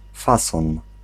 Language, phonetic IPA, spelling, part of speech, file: Polish, [ˈfasɔ̃n], fason, noun, Pl-fason.ogg